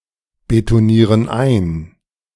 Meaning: inflection of einbetonieren: 1. first/third-person plural present 2. first/third-person plural subjunctive I
- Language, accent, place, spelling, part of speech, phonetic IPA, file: German, Germany, Berlin, betonieren ein, verb, [betoˌniːʁən ˈaɪ̯n], De-betonieren ein.ogg